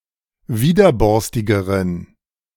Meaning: inflection of widerborstig: 1. strong genitive masculine/neuter singular comparative degree 2. weak/mixed genitive/dative all-gender singular comparative degree
- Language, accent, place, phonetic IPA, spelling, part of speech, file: German, Germany, Berlin, [ˈviːdɐˌbɔʁstɪɡəʁən], widerborstigeren, adjective, De-widerborstigeren.ogg